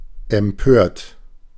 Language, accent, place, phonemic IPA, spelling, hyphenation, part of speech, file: German, Germany, Berlin, /ɛmˈpøːɐ̯t/, empört, em‧pört, verb / adjective, De-empört.ogg
- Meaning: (verb) past participle of empören; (adjective) indignant, upset; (verb) inflection of empören: 1. third-person singular present 2. second-person plural present 3. plural imperative